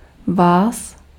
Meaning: genitive/accusative/locative plural of vy
- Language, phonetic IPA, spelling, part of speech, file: Czech, [ˈvaːs], vás, pronoun, Cs-vás.ogg